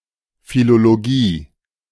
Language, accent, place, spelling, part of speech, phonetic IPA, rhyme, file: German, Germany, Berlin, Philologie, noun, [ˌfiloloˈɡiː], -iː, De-Philologie.ogg
- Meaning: philology